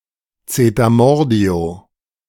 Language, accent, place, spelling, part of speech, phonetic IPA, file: German, Germany, Berlin, Zetermordio, noun, [t͡seːtɐˈmɔʁdi̯o], De-Zetermordio.ogg
- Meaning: alternative form of Zeter und Mordio